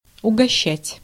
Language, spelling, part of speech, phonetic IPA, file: Russian, угощать, verb, [ʊɡɐˈɕːætʲ], Ru-угощать.ogg
- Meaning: 1. to treat (someone, to something) 2. to entertain